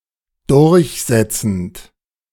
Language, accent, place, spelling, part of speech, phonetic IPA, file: German, Germany, Berlin, durchsetzend, verb, [ˈdʊʁçˌzɛt͡sn̩t], De-durchsetzend.ogg
- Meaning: present participle of durchsetzen